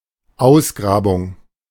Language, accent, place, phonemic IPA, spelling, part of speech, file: German, Germany, Berlin, /ˈʔaʊ̯sɡʁaːbʊŋ/, Ausgrabung, noun, De-Ausgrabung.ogg
- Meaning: excavation